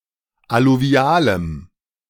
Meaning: strong dative masculine/neuter singular of alluvial
- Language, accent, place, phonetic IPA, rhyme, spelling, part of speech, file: German, Germany, Berlin, [aluˈvi̯aːləm], -aːləm, alluvialem, adjective, De-alluvialem.ogg